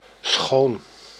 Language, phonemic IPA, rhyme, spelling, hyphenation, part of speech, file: Dutch, /sxoːn/, -oːn, schoon, schoon, adjective / adverb / noun / conjunction, Nl-schoon.ogg
- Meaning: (adjective) 1. beautiful 2. clean; cleansed; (adverb) 1. cleanly; beautifully 2. completely, fully, utterly; entirely; quite; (noun) beauty; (conjunction) although